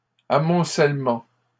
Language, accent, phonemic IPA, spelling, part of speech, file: French, Canada, /a.mɔ̃.sɛl.mɑ̃/, amoncellement, noun, LL-Q150 (fra)-amoncellement.wav
- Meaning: heap, pile